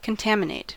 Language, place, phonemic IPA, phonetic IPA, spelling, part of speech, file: English, California, /kənˈtæmɪneɪt/, [kənˈtɛəm.ɪ.neɪt], contaminate, verb, En-us-contaminate.ogg
- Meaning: 1. To make something dangerous or toxic by introducing impurities or foreign matter 2. To soil, stain, corrupt, or infect by contact or association